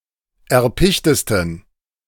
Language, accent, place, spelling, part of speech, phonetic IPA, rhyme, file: German, Germany, Berlin, erpichtesten, adjective, [ɛɐ̯ˈpɪçtəstn̩], -ɪçtəstn̩, De-erpichtesten.ogg
- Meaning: 1. superlative degree of erpicht 2. inflection of erpicht: strong genitive masculine/neuter singular superlative degree